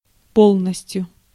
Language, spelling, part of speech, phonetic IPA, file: Russian, полностью, adverb, [ˈpoɫnəsʲtʲjʊ], Ru-полностью.ogg
- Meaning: completely, entirely, utterly, fully